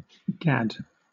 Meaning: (interjection) An exclamation roughly equivalent to by God, goodness gracious, for goodness' sake; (verb) To move from one location to another in an apparently random and frivolous manner
- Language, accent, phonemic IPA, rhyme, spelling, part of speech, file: English, Southern England, /ɡæd/, -æd, gad, interjection / verb / noun, LL-Q1860 (eng)-gad.wav